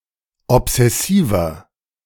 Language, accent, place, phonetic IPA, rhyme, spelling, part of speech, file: German, Germany, Berlin, [ɔpz̥ɛˈsiːvɐ], -iːvɐ, obsessiver, adjective, De-obsessiver.ogg
- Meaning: 1. comparative degree of obsessiv 2. inflection of obsessiv: strong/mixed nominative masculine singular 3. inflection of obsessiv: strong genitive/dative feminine singular